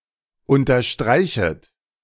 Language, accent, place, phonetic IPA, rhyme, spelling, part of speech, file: German, Germany, Berlin, [ˌʊntɐˈʃtʁaɪ̯çət], -aɪ̯çət, unterstreichet, verb, De-unterstreichet.ogg
- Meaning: second-person plural subjunctive I of unterstreichen